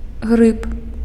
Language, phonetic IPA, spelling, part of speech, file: Belarusian, [ɣrɨp], грыб, noun, Be-грыб.ogg
- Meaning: 1. mushroom 2. fungus